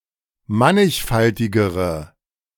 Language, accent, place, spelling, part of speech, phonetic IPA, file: German, Germany, Berlin, mannigfaltigere, adjective, [ˈmanɪçˌfaltɪɡəʁə], De-mannigfaltigere.ogg
- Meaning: inflection of mannigfaltig: 1. strong/mixed nominative/accusative feminine singular comparative degree 2. strong nominative/accusative plural comparative degree